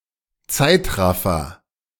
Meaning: time-lapse
- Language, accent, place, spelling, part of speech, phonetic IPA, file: German, Germany, Berlin, Zeitraffer, noun, [ˈt͡saɪ̯tˌʁafɐ], De-Zeitraffer.ogg